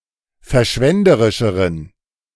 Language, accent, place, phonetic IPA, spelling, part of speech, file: German, Germany, Berlin, [fɛɐ̯ˈʃvɛndəʁɪʃəʁən], verschwenderischeren, adjective, De-verschwenderischeren.ogg
- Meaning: inflection of verschwenderisch: 1. strong genitive masculine/neuter singular comparative degree 2. weak/mixed genitive/dative all-gender singular comparative degree